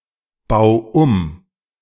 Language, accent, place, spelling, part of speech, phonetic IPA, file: German, Germany, Berlin, bau um, verb, [ˌbaʊ̯ ˈum], De-bau um.ogg
- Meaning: 1. singular imperative of umbauen 2. first-person singular present of umbauen